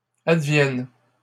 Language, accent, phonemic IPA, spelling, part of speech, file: French, Canada, /ad.vjɛn/, advienne, verb, LL-Q150 (fra)-advienne.wav
- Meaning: third-person singular present subjunctive of advenir